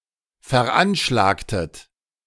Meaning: inflection of veranschlagen: 1. second-person plural preterite 2. second-person plural subjunctive II
- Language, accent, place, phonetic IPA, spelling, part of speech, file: German, Germany, Berlin, [fɛɐ̯ˈʔanʃlaːktət], veranschlagtet, verb, De-veranschlagtet.ogg